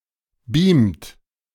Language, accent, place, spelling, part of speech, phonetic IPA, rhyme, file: German, Germany, Berlin, beamt, verb, [biːmt], -iːmt, De-beamt.ogg
- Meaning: inflection of beamen: 1. third-person singular present 2. second-person plural present 3. plural imperative